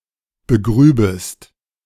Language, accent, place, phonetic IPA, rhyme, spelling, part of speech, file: German, Germany, Berlin, [bəˈɡʁyːbəst], -yːbəst, begrübest, verb, De-begrübest.ogg
- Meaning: second-person singular subjunctive II of begraben